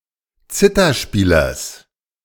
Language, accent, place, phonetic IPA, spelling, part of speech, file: German, Germany, Berlin, [ˈt͡sɪtɐˌʃpiːlɐs], Zitherspielers, noun, De-Zitherspielers.ogg
- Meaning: genitive of Zitherspieler